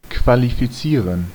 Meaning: 1. to qualify (to make someone competent or eligible) 2. to qualify (to become competent or eligible)
- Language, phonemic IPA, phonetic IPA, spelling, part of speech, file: German, /kvalifiˈtsiːʁən/, [kʰvalifiˈtsiːɐ̯n], qualifizieren, verb, De-qualifizieren.ogg